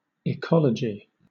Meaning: The branch of biology dealing with the relationships of organisms with their environment and with each other
- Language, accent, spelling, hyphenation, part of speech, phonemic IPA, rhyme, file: English, Southern England, ecology, ecol‧ogy, noun, /ɪˈkɒl.ə.d͡ʒi/, -ɒlədʒi, LL-Q1860 (eng)-ecology.wav